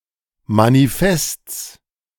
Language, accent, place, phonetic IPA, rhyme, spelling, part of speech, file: German, Germany, Berlin, [maniˈfɛst͡s], -ɛst͡s, Manifests, noun, De-Manifests.ogg
- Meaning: genitive singular of Manifest